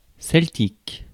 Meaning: Celtic (of the Celts; of the style of the Celts)
- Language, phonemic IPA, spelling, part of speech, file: French, /sɛl.tik/, celtique, adjective, Fr-celtique.ogg